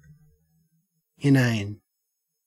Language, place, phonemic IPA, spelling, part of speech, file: English, Queensland, /ɪˈnæɪn/, inane, adjective / noun, En-au-inane.ogg
- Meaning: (adjective) 1. Lacking sense or meaning, often to the point of boredom or annoyance 2. Purposeless; pointless; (noun) That which is void or empty